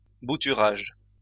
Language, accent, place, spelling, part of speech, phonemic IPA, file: French, France, Lyon, bouturage, noun, /bu.ty.ʁaʒ/, LL-Q150 (fra)-bouturage.wav
- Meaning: cutting, scion